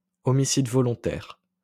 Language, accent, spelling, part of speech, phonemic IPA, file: French, France, homicide volontaire, noun, /ɔ.mi.sid vɔ.lɔ̃.tɛʁ/, LL-Q150 (fra)-homicide volontaire.wav
- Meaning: second-degree murder